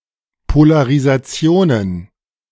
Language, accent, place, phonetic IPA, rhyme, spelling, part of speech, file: German, Germany, Berlin, [polaʁizaˈt͡si̯oːnən], -oːnən, Polarisationen, noun, De-Polarisationen.ogg
- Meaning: plural of Polarisation